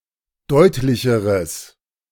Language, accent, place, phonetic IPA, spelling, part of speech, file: German, Germany, Berlin, [ˈdɔɪ̯tlɪçəʁəs], deutlicheres, adjective, De-deutlicheres.ogg
- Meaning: strong/mixed nominative/accusative neuter singular comparative degree of deutlich